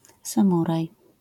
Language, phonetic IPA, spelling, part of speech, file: Polish, [sãˈmuraj], samuraj, noun, LL-Q809 (pol)-samuraj.wav